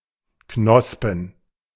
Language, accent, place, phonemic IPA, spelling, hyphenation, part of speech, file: German, Germany, Berlin, /ˈknɔspn̩/, knospen, knos‧pen, verb, De-knospen.ogg
- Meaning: to bud